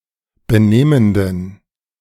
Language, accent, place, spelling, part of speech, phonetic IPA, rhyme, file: German, Germany, Berlin, benehmenden, adjective, [bəˈneːməndn̩], -eːməndn̩, De-benehmenden.ogg
- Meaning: inflection of benehmend: 1. strong genitive masculine/neuter singular 2. weak/mixed genitive/dative all-gender singular 3. strong/weak/mixed accusative masculine singular 4. strong dative plural